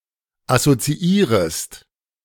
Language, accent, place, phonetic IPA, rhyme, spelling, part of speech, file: German, Germany, Berlin, [asot͡siˈiːʁəst], -iːʁəst, assoziierest, verb, De-assoziierest.ogg
- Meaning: second-person singular subjunctive I of assoziieren